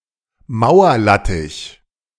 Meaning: wall lettuce (Lactuca muralis, syn. Prenanthes muralis, Mycelis muralis)
- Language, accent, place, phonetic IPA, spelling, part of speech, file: German, Germany, Berlin, [ˈmäʊ̯ɐˌlätɪç], Mauerlattich, noun, De-Mauerlattich.ogg